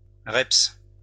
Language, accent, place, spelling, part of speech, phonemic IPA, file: French, France, Lyon, reps, noun, /ʁɛps/, LL-Q150 (fra)-reps.wav
- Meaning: rep